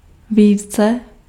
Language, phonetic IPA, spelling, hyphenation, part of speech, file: Czech, [ˈviːt͡sɛ], více, ví‧ce, adverb, Cs-více.ogg
- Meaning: 1. comparative degree of hodně 2. comparative degree of mnoho 3. more